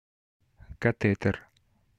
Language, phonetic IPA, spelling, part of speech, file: Russian, [kɐˈtɛtɨr], катетер, noun, Ru-катетер.ogg
- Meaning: catheter